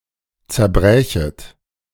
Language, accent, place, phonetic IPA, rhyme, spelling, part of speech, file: German, Germany, Berlin, [t͡sɛɐ̯ˈbʁɛːçət], -ɛːçət, zerbrächet, verb, De-zerbrächet.ogg
- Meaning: second-person plural subjunctive II of zerbrechen